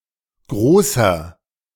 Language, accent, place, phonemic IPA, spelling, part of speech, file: German, Germany, Berlin, /ˈɡʁoːsɐ/, großer, adjective, De-großer.ogg
- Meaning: inflection of groß: 1. strong/mixed nominative masculine singular 2. strong genitive/dative feminine singular 3. strong genitive plural